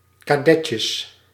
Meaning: plural of kadetje
- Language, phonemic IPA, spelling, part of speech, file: Dutch, /kaˈdɛcəs/, kadetjes, noun, Nl-kadetjes.ogg